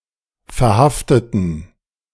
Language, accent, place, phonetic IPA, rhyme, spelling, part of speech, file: German, Germany, Berlin, [fɛɐ̯ˈhaftətn̩], -aftətn̩, verhafteten, adjective / verb, De-verhafteten.ogg
- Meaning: inflection of verhaften: 1. first/third-person plural preterite 2. first/third-person plural subjunctive II